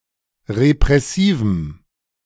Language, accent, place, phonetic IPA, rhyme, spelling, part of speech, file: German, Germany, Berlin, [ʁepʁɛˈsiːvm̩], -iːvm̩, repressivem, adjective, De-repressivem.ogg
- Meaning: strong dative masculine/neuter singular of repressiv